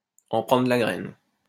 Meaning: to learn, to take a lesson
- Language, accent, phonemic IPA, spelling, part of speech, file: French, France, /ɑ̃ pʁɑ̃.dʁə d(ə) la ɡʁɛn/, en prendre de la graine, verb, LL-Q150 (fra)-en prendre de la graine.wav